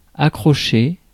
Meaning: 1. to hook, hook up (attach with a hook) 2. to pick up, become attached to 3. to pick up, to come to learn (e.g. a skill) 4. to get, get hold of, obtain something
- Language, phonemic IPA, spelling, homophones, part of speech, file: French, /a.kʁɔ.ʃe/, accrocher, accrochai / accroché / accrochée / accrochées / accrochés / accrochez, verb, Fr-accrocher.ogg